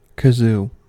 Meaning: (noun) 1. A simple musical instrument (a membranophone) consisting of a pipe with a hole in it, producing a buzzing sound when the player hums into it 2. Synonym of keister (“anus or buttocks”)
- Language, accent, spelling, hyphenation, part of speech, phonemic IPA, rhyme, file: English, US, kazoo, ka‧zoo, noun / verb, /kəˈzuː/, -uː, En-us-kazoo.ogg